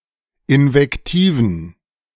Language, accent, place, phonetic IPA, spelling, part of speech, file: German, Germany, Berlin, [ʔɪnvɛkˈtiːvən], Invektiven, noun, De-Invektiven.ogg
- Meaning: plural of Invektive